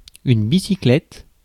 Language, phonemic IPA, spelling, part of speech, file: French, /bi.si.klɛt/, bicyclette, noun, Fr-bicyclette.ogg
- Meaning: 1. bicycle 2. bicycle kick